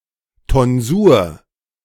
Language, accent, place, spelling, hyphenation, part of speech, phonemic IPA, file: German, Germany, Berlin, Tonsur, Ton‧sur, noun, /tɔnˈzuːɐ̯/, De-Tonsur.ogg
- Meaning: tonsure